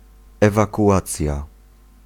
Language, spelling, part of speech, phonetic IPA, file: Polish, ewakuacja, noun, [ˌɛvakuˈʷat͡sʲja], Pl-ewakuacja.ogg